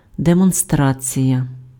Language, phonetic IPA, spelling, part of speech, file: Ukrainian, [demɔnˈstrat͡sʲijɐ], демонстрація, noun, Uk-демонстрація.ogg
- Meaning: 1. demonstration (act of showing or explaining) 2. demonstration (public display of group opinion)